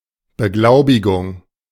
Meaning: certification, certificate, accreditation, accrediting, verification, authentication, attestation, notarization
- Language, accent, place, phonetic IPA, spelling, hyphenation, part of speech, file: German, Germany, Berlin, [bəˈɡlaʊ̯bɪɡʊŋ], Beglaubigung, Be‧glau‧bi‧gung, noun, De-Beglaubigung.ogg